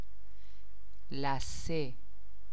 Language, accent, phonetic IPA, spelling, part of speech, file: Persian, Iran, [læ.sé], لثه, noun, Fa-لثه.ogg
- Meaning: gum (of the teeth)